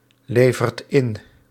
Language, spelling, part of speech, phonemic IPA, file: Dutch, levert in, verb, /ˈlevərt ˈɪn/, Nl-levert in.ogg
- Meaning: inflection of inleveren: 1. second/third-person singular present indicative 2. plural imperative